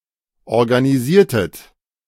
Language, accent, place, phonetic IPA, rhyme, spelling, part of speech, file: German, Germany, Berlin, [ɔʁɡaniˈziːɐ̯tət], -iːɐ̯tət, organisiertet, verb, De-organisiertet.ogg
- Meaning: inflection of organisieren: 1. second-person plural preterite 2. second-person plural subjunctive II